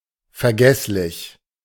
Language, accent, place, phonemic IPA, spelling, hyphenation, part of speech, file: German, Germany, Berlin, /fɛʁˈɡɛslɪç/, vergesslich, ver‧gess‧lich, adjective, De-vergesslich.ogg
- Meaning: forgetful